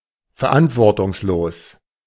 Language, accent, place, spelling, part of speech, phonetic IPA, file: German, Germany, Berlin, verantwortungslos, adjective, [fɛɐ̯ˈʔantvɔʁtʊŋsloːs], De-verantwortungslos.ogg
- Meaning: irresponsible